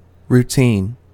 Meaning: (noun) 1. A course of action to be followed regularly; a standard procedure 2. A set of normal procedures, often performed mechanically 3. A set piece of an entertainer's act
- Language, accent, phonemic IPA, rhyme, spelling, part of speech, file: English, US, /ɹuˈtin/, -iːn, routine, noun / adjective, En-us-routine.ogg